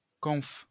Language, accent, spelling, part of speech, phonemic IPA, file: French, France, conf, noun, /kɔ̃f/, LL-Q150 (fra)-conf.wav
- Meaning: conference